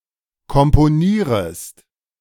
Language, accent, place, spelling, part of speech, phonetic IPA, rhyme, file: German, Germany, Berlin, komponierest, verb, [kɔmpoˈniːʁəst], -iːʁəst, De-komponierest.ogg
- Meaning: second-person singular subjunctive I of komponieren